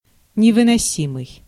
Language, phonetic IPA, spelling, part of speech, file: Russian, [nʲɪvɨnɐˈsʲimɨj], невыносимый, adjective, Ru-невыносимый.ogg
- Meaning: unbearable, intolerable, insufferable